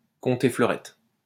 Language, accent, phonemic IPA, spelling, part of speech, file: French, France, /kɔ̃.te flœ.ʁɛt/, conter fleurette, verb, LL-Q150 (fra)-conter fleurette.wav
- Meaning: to woo